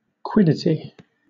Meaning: 1. The essence or inherent nature of a person or thing 2. A trifle; a nicety or quibble 3. An eccentricity; an odd feature
- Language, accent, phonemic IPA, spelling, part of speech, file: English, Southern England, /ˈkwɪdɪti/, quiddity, noun, LL-Q1860 (eng)-quiddity.wav